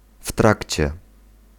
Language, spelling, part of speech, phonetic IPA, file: Polish, w trakcie, adverbial phrase, [ˈf‿tract͡ɕɛ], Pl-w trakcie.ogg